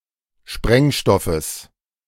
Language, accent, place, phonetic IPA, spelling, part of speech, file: German, Germany, Berlin, [ˈʃpʁɛŋˌʃtɔfəs], Sprengstoffes, noun, De-Sprengstoffes.ogg
- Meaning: genitive singular of Sprengstoff